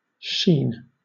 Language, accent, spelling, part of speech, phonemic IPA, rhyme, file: English, Southern England, sheen, adjective / noun / verb, /ʃiːn/, -iːn, LL-Q1860 (eng)-sheen.wav
- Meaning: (adjective) 1. Beautiful, good-looking, attractive, fair; bright, radiant; shiny 2. Clear, pure, clean; noble, illustrious; (by extension) innocent, chaste; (noun) Splendor; radiance; shininess